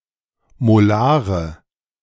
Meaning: inflection of molar: 1. strong/mixed nominative/accusative feminine singular 2. strong nominative/accusative plural 3. weak nominative all-gender singular 4. weak accusative feminine/neuter singular
- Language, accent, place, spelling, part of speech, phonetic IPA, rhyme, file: German, Germany, Berlin, molare, adjective, [moˈlaːʁə], -aːʁə, De-molare.ogg